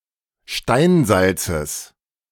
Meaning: genitive singular of Steinsalz
- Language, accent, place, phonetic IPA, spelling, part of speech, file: German, Germany, Berlin, [ˈʃtaɪ̯nˌzalt͡səs], Steinsalzes, noun, De-Steinsalzes.ogg